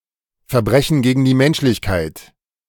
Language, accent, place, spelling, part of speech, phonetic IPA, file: German, Germany, Berlin, Verbrechen gegen die Menschlichkeit, noun, [ˌfɛɐ̯ˈbʁɛçn̩ ˈɡeːɡn̩ ˌdiː ˈmɛnʃlɪçˌkaɪ̯t], De-Verbrechen gegen die Menschlichkeit.ogg
- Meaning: crime against humanity